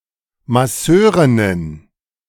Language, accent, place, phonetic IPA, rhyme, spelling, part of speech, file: German, Germany, Berlin, [maˈsøːʁɪnən], -øːʁɪnən, Masseurinnen, noun, De-Masseurinnen.ogg
- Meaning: plural of Masseurin